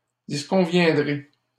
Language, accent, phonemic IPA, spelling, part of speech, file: French, Canada, /dis.kɔ̃.vjɛ̃.dʁe/, disconviendrez, verb, LL-Q150 (fra)-disconviendrez.wav
- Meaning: second-person plural simple future of disconvenir